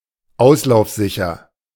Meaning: leakproof
- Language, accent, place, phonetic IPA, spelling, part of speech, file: German, Germany, Berlin, [ˈaʊ̯slaʊ̯fˌzɪçɐ], auslaufsicher, adjective, De-auslaufsicher.ogg